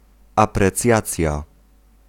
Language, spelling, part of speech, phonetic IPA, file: Polish, aprecjacja, noun, [ˌaprɛˈt͡sʲjat͡sʲja], Pl-aprecjacja.ogg